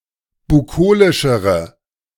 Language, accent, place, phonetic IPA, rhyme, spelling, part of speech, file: German, Germany, Berlin, [buˈkoːlɪʃəʁə], -oːlɪʃəʁə, bukolischere, adjective, De-bukolischere.ogg
- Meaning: inflection of bukolisch: 1. strong/mixed nominative/accusative feminine singular comparative degree 2. strong nominative/accusative plural comparative degree